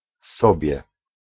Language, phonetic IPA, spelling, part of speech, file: Polish, [ˈsɔbʲjɛ], sobie, pronoun / particle, Pl-sobie.ogg